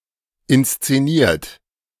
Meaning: 1. past participle of inszenieren 2. inflection of inszenieren: third-person singular present 3. inflection of inszenieren: second-person plural present 4. inflection of inszenieren: plural imperative
- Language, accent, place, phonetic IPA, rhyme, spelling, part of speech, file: German, Germany, Berlin, [ɪnst͡seˈniːɐ̯t], -iːɐ̯t, inszeniert, verb, De-inszeniert.ogg